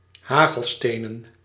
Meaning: plural of hagelsteen
- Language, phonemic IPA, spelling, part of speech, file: Dutch, /ˈhaɣəlˌstenə(n)/, hagelstenen, noun, Nl-hagelstenen.ogg